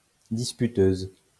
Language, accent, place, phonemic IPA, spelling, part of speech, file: French, France, Lyon, /dis.py.tøz/, disputeuse, noun, LL-Q150 (fra)-disputeuse.wav
- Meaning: female equivalent of disputeur